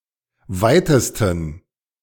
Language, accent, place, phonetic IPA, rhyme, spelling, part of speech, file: German, Germany, Berlin, [ˈvaɪ̯təstn̩], -aɪ̯təstn̩, weitesten, adjective, De-weitesten.ogg
- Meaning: 1. superlative degree of weit 2. inflection of weit: strong genitive masculine/neuter singular superlative degree